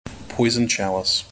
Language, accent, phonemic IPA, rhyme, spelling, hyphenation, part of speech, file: English, General American, /ˈpɔɪzənd ˈtʃælɪs/, -ælɪs, poisoned chalice, poi‧soned cha‧lice, noun, En-us-poisoned chalice.mp3
- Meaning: Something which is initially regarded as advantageous but which is later recognized to be disadvantageous or harmful; an apparently beneficial or benign instrument or scheme for causing death or harm